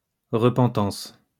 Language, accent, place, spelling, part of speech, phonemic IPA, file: French, France, Lyon, repentance, noun, /ʁə.pɑ̃.tɑ̃s/, LL-Q150 (fra)-repentance.wav
- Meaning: repentance